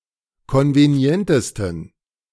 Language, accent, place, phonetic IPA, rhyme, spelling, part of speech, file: German, Germany, Berlin, [ˌkɔnveˈni̯ɛntəstn̩], -ɛntəstn̩, konvenientesten, adjective, De-konvenientesten.ogg
- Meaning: 1. superlative degree of konvenient 2. inflection of konvenient: strong genitive masculine/neuter singular superlative degree